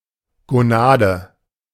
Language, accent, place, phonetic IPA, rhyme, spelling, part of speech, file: German, Germany, Berlin, [ɡoˈnaːdə], -aːdə, Gonade, noun, De-Gonade.ogg
- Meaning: gonad (sex gland such as a testicle or ovary)